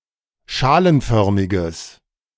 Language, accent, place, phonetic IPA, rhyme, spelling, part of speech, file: German, Germany, Berlin, [ˈʃaːlənˌfœʁmɪɡəs], -aːlənfœʁmɪɡəs, schalenförmiges, adjective, De-schalenförmiges.ogg
- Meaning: strong/mixed nominative/accusative neuter singular of schalenförmig